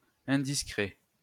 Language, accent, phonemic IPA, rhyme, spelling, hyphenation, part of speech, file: French, France, /ɛ̃.dis.kʁɛ/, -ɛ, indiscret, in‧dis‧cret, adjective, LL-Q150 (fra)-indiscret.wav
- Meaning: indiscreet